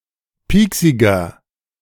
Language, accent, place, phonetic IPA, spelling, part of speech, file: German, Germany, Berlin, [ˈpiːksɪɡɐ], pieksiger, adjective, De-pieksiger.ogg
- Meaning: inflection of pieksig: 1. strong/mixed nominative masculine singular 2. strong genitive/dative feminine singular 3. strong genitive plural